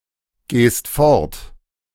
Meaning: second-person singular present of fortgehen
- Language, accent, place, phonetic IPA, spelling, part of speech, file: German, Germany, Berlin, [ˌɡeːst ˈfɔʁt], gehst fort, verb, De-gehst fort.ogg